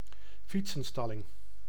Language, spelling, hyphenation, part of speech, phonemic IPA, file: Dutch, fietsenstalling, fiet‧sen‧stal‧ling, noun, /ˈfit.sə(n)ˌstɑ.lɪŋ/, Nl-fietsenstalling.ogg
- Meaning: a shed, rack, garage or other area where bicycles can be parked